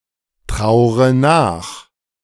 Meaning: inflection of nachtrauern: 1. first-person singular present 2. first/third-person singular subjunctive I 3. singular imperative
- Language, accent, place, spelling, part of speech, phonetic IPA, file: German, Germany, Berlin, traure nach, verb, [ˌtʁaʊ̯ʁə ˈnaːx], De-traure nach.ogg